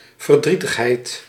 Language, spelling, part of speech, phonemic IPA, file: Dutch, verdrietigheid, noun, /vərˈdri.təxˌɦɛi̯t/, Nl-verdrietigheid.ogg
- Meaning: sadness